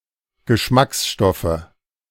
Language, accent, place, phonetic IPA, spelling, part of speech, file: German, Germany, Berlin, [ɡəˈʃmaksˌʃtɔfə], Geschmacksstoffe, noun, De-Geschmacksstoffe.ogg
- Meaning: nominative/accusative/genitive plural of Geschmacksstoff